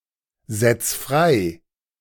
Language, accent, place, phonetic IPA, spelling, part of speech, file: German, Germany, Berlin, [ˌzɛt͡s ˈfʁaɪ̯], setz frei, verb, De-setz frei.ogg
- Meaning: 1. singular imperative of freisetzen 2. first-person singular present of freisetzen